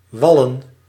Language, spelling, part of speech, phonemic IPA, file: Dutch, wallen, verb / noun, /ˈwɑlə(n)/, Nl-wallen.ogg
- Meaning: plural of wal